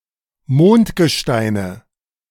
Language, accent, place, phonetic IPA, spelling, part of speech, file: German, Germany, Berlin, [ˈmoːntɡəˌʃtaɪ̯nə], Mondgesteine, noun, De-Mondgesteine.ogg
- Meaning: nominative/accusative/genitive plural of Mondgestein